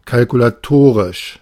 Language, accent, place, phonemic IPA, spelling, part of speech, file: German, Germany, Berlin, /kalkulaˈtoːʁɪʃ/, kalkulatorisch, adjective, De-kalkulatorisch.ogg
- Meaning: calculatory; calculated (rather than actually measured)